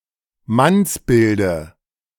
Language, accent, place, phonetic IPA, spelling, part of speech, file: German, Germany, Berlin, [ˈmansˌbɪldə], Mannsbilde, noun, De-Mannsbilde.ogg
- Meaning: dative singular of Mannsbild